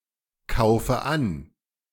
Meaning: inflection of ankaufen: 1. first-person singular present 2. first/third-person singular subjunctive I 3. singular imperative
- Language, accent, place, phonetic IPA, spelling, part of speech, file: German, Germany, Berlin, [ˌkaʊ̯fə ˈan], kaufe an, verb, De-kaufe an.ogg